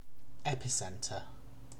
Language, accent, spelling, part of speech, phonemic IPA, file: English, UK, epicentre, noun / verb, /ˈɛpɪˌsɛntə/, En-uk-epicentre.ogg
- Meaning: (noun) 1. The point on the land or water surface directly above the focus, or hypocentre, of an earthquake 2. The point on the surface of the earth directly above an underground explosion